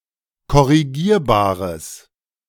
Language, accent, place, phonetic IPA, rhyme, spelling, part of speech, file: German, Germany, Berlin, [kɔʁiˈɡiːɐ̯baːʁəs], -iːɐ̯baːʁəs, korrigierbares, adjective, De-korrigierbares.ogg
- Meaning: strong/mixed nominative/accusative neuter singular of korrigierbar